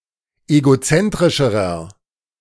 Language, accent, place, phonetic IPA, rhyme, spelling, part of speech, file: German, Germany, Berlin, [eɡoˈt͡sɛntʁɪʃəʁɐ], -ɛntʁɪʃəʁɐ, egozentrischerer, adjective, De-egozentrischerer.ogg
- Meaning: inflection of egozentrisch: 1. strong/mixed nominative masculine singular comparative degree 2. strong genitive/dative feminine singular comparative degree 3. strong genitive plural comparative degree